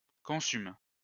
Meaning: inflection of consumer: 1. first/third-person singular present indicative/subjunctive 2. second-person singular imperative
- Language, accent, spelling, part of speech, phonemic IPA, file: French, France, consume, verb, /kɔ̃.sym/, LL-Q150 (fra)-consume.wav